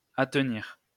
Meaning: to border; be next to; abut
- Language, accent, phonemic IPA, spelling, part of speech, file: French, France, /at.niʁ/, attenir, verb, LL-Q150 (fra)-attenir.wav